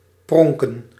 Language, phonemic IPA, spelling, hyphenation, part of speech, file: Dutch, /ˈprɔŋ.kə(n)/, pronken, pron‧ken, verb, Nl-pronken.ogg
- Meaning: to display, to show off (with the intention of making an impression)